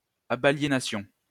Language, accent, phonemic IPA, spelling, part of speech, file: French, France, /a.ba.lje.na.sjɔ̃/, abaliénassions, verb, LL-Q150 (fra)-abaliénassions.wav
- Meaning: first-person plural imperfect subjunctive of abaliéner